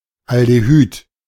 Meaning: aldehyde
- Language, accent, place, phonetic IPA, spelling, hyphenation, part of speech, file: German, Germany, Berlin, [aldeˈhyːt], Aldehyd, Al‧de‧hyd, noun, De-Aldehyd.ogg